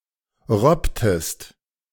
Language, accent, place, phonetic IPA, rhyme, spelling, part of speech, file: German, Germany, Berlin, [ˈʁɔptəst], -ɔptəst, robbtest, verb, De-robbtest.ogg
- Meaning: inflection of robben: 1. second-person singular preterite 2. second-person singular subjunctive II